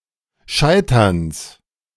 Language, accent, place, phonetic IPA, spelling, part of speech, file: German, Germany, Berlin, [ˈʃaɪ̯tɐns], Scheiterns, noun, De-Scheiterns.ogg
- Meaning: genitive singular of Scheitern